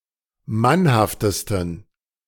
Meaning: 1. superlative degree of mannhaft 2. inflection of mannhaft: strong genitive masculine/neuter singular superlative degree
- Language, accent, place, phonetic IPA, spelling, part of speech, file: German, Germany, Berlin, [ˈmanhaftəstn̩], mannhaftesten, adjective, De-mannhaftesten.ogg